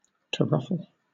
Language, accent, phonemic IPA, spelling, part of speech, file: English, Southern England, /təˈɹʌfəl/, toruffle, verb, LL-Q1860 (eng)-toruffle.wav
- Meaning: To ruffle excessively, to the degree of causing something to lose its proper form or shape; ruffle up